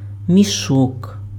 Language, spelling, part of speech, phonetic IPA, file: Ukrainian, мішок, noun, [mʲiˈʃɔk], Uk-мішок.ogg
- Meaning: sack (large bag for storage and handling; also the amount that can be put into this)